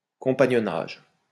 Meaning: 1. companionship 2. a form of apprenticeship by which a person is trained under the supervision of a community
- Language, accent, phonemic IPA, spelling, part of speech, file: French, France, /kɔ̃.pa.ɲɔ.naʒ/, compagnonnage, noun, LL-Q150 (fra)-compagnonnage.wav